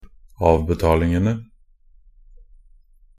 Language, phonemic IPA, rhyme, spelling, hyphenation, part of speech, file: Norwegian Bokmål, /ˈɑːʋbɛtɑːlɪŋənə/, -ənə, avbetalingene, av‧be‧tal‧ing‧en‧e, noun, Nb-avbetalingene.ogg
- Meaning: definite plural of avbetaling